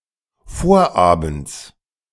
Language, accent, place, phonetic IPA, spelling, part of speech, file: German, Germany, Berlin, [ˈfoːɐ̯ʔaːbm̩t͡s], Vorabends, noun, De-Vorabends.ogg
- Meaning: genitive of Vorabend